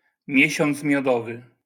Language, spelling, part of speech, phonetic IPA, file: Polish, miesiąc miodowy, noun, [ˈmʲjɛ̇ɕɔ̃nt͡s mʲjɔˈdɔvɨ], LL-Q809 (pol)-miesiąc miodowy.wav